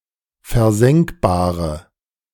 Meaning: inflection of versenkbar: 1. strong/mixed nominative/accusative feminine singular 2. strong nominative/accusative plural 3. weak nominative all-gender singular
- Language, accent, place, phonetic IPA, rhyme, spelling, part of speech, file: German, Germany, Berlin, [fɛɐ̯ˈzɛŋkbaːʁə], -ɛŋkbaːʁə, versenkbare, adjective, De-versenkbare.ogg